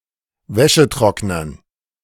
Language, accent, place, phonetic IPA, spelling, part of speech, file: German, Germany, Berlin, [ˈvɛʃəˌtʁɔknɐn], Wäschetrocknern, noun, De-Wäschetrocknern.ogg
- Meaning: dative plural of Wäschetrockner